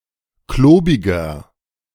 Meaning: 1. comparative degree of klobig 2. inflection of klobig: strong/mixed nominative masculine singular 3. inflection of klobig: strong genitive/dative feminine singular
- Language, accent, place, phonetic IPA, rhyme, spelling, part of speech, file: German, Germany, Berlin, [ˈkloːbɪɡɐ], -oːbɪɡɐ, klobiger, adjective, De-klobiger.ogg